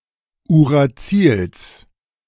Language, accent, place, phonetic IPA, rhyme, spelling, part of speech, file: German, Germany, Berlin, [uʁaˈt͡siːls], -iːls, Uracils, noun, De-Uracils.ogg
- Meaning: genitive singular of Uracil